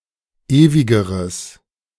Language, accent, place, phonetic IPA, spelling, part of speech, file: German, Germany, Berlin, [ˈeːvɪɡəʁəs], ewigeres, adjective, De-ewigeres.ogg
- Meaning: strong/mixed nominative/accusative neuter singular comparative degree of ewig